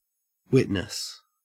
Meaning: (noun) 1. Attestation of a fact or event; testimony 2. One who sees or has personal knowledge of something 3. Someone called to give evidence in a court
- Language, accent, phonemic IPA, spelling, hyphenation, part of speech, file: English, Australia, /ˈwɪt.nəs/, witness, wit‧ness, noun / verb, En-au-witness.ogg